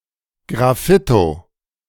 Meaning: graffito
- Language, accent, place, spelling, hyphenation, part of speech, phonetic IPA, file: German, Germany, Berlin, Graffito, Graf‧fi‧to, noun, [ɡʁaˈfɪto], De-Graffito.ogg